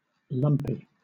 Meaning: 1. Full of lumps, not smooth, uneven 2. Of a water surface: covered in many small waves as a result of wind; choppy
- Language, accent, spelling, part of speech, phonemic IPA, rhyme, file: English, Southern England, lumpy, adjective, /ˈlʌmpi/, -ʌmpi, LL-Q1860 (eng)-lumpy.wav